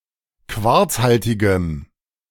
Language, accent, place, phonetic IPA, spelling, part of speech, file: German, Germany, Berlin, [ˈkvaʁt͡sˌhaltɪɡəm], quarzhaltigem, adjective, De-quarzhaltigem.ogg
- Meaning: strong dative masculine/neuter singular of quarzhaltig